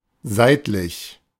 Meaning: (adjective) 1. lateral 2. sideways; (adverb) 1. laterally 2. edgewise 3. edgeways
- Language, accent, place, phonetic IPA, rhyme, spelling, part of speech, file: German, Germany, Berlin, [ˈzaɪ̯tlɪç], -aɪ̯tlɪç, seitlich, adjective / preposition, De-seitlich.ogg